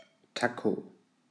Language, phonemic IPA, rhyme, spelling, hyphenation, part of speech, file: German, /ˈta.ko/, -ako, Taco, Ta‧co, noun, De-Taco.ogg
- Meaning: taco